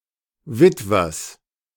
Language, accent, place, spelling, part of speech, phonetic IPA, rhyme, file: German, Germany, Berlin, Witwers, noun, [ˈvɪtvɐs], -ɪtvɐs, De-Witwers.ogg
- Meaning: genitive singular of Witwer